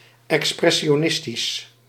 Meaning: expressionist, expressionistic
- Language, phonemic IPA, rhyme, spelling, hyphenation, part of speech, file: Dutch, /ˌɛk.sprɛ.ʃoːˈnɪs.tis/, -ɪstis, expressionistisch, ex‧pres‧si‧o‧nis‧tisch, adjective, Nl-expressionistisch.ogg